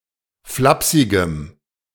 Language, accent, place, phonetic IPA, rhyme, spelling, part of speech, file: German, Germany, Berlin, [ˈflapsɪɡəm], -apsɪɡəm, flapsigem, adjective, De-flapsigem.ogg
- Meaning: strong dative masculine/neuter singular of flapsig